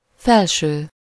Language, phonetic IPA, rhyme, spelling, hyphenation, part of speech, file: Hungarian, [ˈfɛlʃøː], -ʃøː, felső, fel‧ső, adjective / noun, Hu-felső.ogg
- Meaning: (adjective) top, upper; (noun) top (a garment worn to cover the torso)